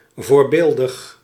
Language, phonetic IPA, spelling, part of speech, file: Dutch, [vʊːrbeːldəx], voorbeeldig, adjective, Nl-voorbeeldig.ogg
- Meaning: exemplary: 1. which is/can be set as an example worth following 2. excellent, to the highest standard 3. textbook -, perfectly executed etc